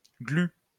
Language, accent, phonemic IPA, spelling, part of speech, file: French, France, /ɡly/, glu, noun, LL-Q150 (fra)-glu.wav
- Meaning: 1. glue 2. birdlime (sticky substance to catch birds)